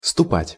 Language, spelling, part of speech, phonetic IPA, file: Russian, ступать, verb, [stʊˈpatʲ], Ru-ступать.ogg
- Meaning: 1. to tread, to step on 2. to leave